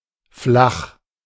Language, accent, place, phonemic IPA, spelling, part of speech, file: German, Germany, Berlin, /flaχ/, flach, adjective, De-flach.ogg
- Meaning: 1. shallow (wide and not deep) 2. flat (wide and not high) 3. not steep; having little slope; comparatively plane and level 4. shallow, vapid (lacking intellectual or spiritual depth, refinement)